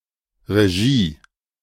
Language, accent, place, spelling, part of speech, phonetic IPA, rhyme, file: German, Germany, Berlin, Regie, noun, [ʁeˈʒiː], -iː, De-Regie.ogg
- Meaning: direction (work of the director in cinema or theater)